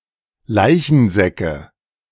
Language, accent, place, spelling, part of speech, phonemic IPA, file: German, Germany, Berlin, Leichensäcke, noun, /ˈlaɪ̯çənˌzɛkə/, De-Leichensäcke.ogg
- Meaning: nominative/accusative/genitive plural of Leichensack